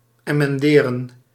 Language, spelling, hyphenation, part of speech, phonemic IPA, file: Dutch, emenderen, emen‧de‧ren, verb, /ˌeː.mɛnˈdeː.rə(n)/, Nl-emenderen.ogg
- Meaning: to emend, to correct (something, especially a reading of a text), to mend